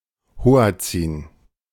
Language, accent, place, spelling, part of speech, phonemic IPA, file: German, Germany, Berlin, Hoatzin, noun, /ˈhoːa̯t͡sɪn/, De-Hoatzin.ogg
- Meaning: hoatzin